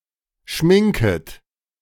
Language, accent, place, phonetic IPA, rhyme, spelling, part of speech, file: German, Germany, Berlin, [ˈʃmɪŋkət], -ɪŋkət, schminket, verb, De-schminket.ogg
- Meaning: second-person plural subjunctive I of schminken